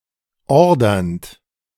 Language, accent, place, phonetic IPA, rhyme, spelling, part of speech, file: German, Germany, Berlin, [ˈɔʁdɐnt], -ɔʁdɐnt, ordernd, verb, De-ordernd.ogg
- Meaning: present participle of ordern